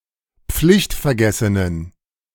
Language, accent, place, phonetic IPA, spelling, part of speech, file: German, Germany, Berlin, [ˈp͡flɪçtfɛɐ̯ˌɡɛsənən], pflichtvergessenen, adjective, De-pflichtvergessenen.ogg
- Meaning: inflection of pflichtvergessen: 1. strong genitive masculine/neuter singular 2. weak/mixed genitive/dative all-gender singular 3. strong/weak/mixed accusative masculine singular